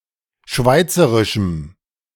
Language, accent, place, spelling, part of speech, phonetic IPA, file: German, Germany, Berlin, schweizerischem, adjective, [ˈʃvaɪ̯t͡səʁɪʃm̩], De-schweizerischem.ogg
- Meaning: strong dative masculine/neuter singular of schweizerisch